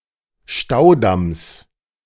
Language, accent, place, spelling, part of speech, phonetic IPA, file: German, Germany, Berlin, Staudamms, noun, [ˈʃtaʊ̯ˌdams], De-Staudamms.ogg
- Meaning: genitive singular of Staudamm